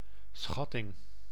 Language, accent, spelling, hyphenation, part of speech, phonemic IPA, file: Dutch, Netherlands, schatting, schat‧ting, noun, /ˈsxɑ.tɪŋ/, Nl-schatting.ogg
- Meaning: 1. estimate 2. toll, tribute